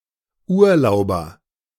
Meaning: 1. holidaymaker, vacationer 2. A person on leave
- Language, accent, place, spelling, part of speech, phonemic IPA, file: German, Germany, Berlin, Urlauber, noun, /ˈuːɐ̯ˌlaʊ̯bɐ/, De-Urlauber.ogg